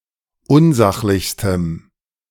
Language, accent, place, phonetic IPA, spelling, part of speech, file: German, Germany, Berlin, [ˈʊnˌzaxlɪçstəm], unsachlichstem, adjective, De-unsachlichstem.ogg
- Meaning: strong dative masculine/neuter singular superlative degree of unsachlich